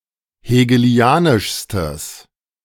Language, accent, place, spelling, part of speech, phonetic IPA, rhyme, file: German, Germany, Berlin, hegelianischstes, adjective, [heːɡəˈli̯aːnɪʃstəs], -aːnɪʃstəs, De-hegelianischstes.ogg
- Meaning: strong/mixed nominative/accusative neuter singular superlative degree of hegelianisch